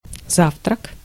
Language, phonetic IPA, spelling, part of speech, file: Russian, [ˈzaftrək], завтрак, noun, Ru-завтрак.ogg
- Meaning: breakfast